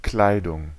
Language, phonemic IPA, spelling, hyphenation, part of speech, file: German, /ˈklaɪ̯dʊŋ/, Kleidung, Klei‧dung, noun, De-Kleidung.ogg
- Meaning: 1. clothing; apparel 2. clothes